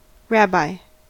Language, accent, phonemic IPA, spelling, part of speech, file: English, US, /ˈɹæ.baɪ/, rabbi, noun, En-us-rabbi.ogg
- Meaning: 1. A Jewish scholar or teacher of halacha (Jewish law), capable of making halachic decisions 2. A Jew who is the leader or is qualified to be the leader of a Jewish congregation